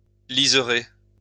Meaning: to edge with ribbon
- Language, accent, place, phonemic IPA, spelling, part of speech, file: French, France, Lyon, /li.ze.ʁe/, lisérer, verb, LL-Q150 (fra)-lisérer.wav